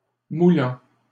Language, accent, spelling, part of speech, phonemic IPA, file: French, Canada, moulant, adjective / verb, /mu.lɑ̃/, LL-Q150 (fra)-moulant.wav
- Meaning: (adjective) tight, skintight, tight-fitting, body-hugging; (verb) 1. present participle of moudre 2. present participle of mouler